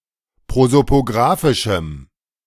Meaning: strong dative masculine/neuter singular of prosopografisch
- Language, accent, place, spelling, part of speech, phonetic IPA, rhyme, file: German, Germany, Berlin, prosopografischem, adjective, [ˌpʁozopoˈɡʁaːfɪʃm̩], -aːfɪʃm̩, De-prosopografischem.ogg